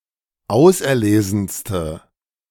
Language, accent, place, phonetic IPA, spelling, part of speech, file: German, Germany, Berlin, [ˈaʊ̯sʔɛɐ̯ˌleːzn̩stə], auserlesenste, adjective, De-auserlesenste.ogg
- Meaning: inflection of auserlesen: 1. strong/mixed nominative/accusative feminine singular superlative degree 2. strong nominative/accusative plural superlative degree